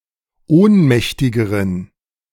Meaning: inflection of ohnmächtig: 1. strong genitive masculine/neuter singular comparative degree 2. weak/mixed genitive/dative all-gender singular comparative degree
- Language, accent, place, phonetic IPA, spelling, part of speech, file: German, Germany, Berlin, [ˈoːnˌmɛçtɪɡəʁən], ohnmächtigeren, adjective, De-ohnmächtigeren.ogg